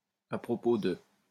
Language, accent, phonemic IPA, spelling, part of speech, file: French, France, /a pʁɔ.po də/, à propos de, preposition, LL-Q150 (fra)-à propos de.wav
- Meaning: about (with respect to), with regard to